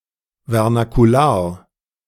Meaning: vernacular
- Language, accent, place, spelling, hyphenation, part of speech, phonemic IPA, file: German, Germany, Berlin, vernakular, ver‧na‧ku‧lar, adjective, /ˌvɛʁnakuˈlaːɐ̯/, De-vernakular.ogg